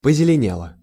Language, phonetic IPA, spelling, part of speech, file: Russian, [pəzʲɪlʲɪˈnʲeɫə], позеленела, verb, Ru-позеленела.ogg
- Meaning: feminine singular past indicative perfective of позелене́ть (pozelenétʹ)